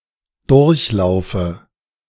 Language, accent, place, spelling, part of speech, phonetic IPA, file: German, Germany, Berlin, durchlaufe, verb, [ˈdʊʁçˌlaʊ̯fə], De-durchlaufe.ogg
- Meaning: inflection of durchlaufen: 1. first-person singular present 2. first/third-person singular subjunctive I 3. singular imperative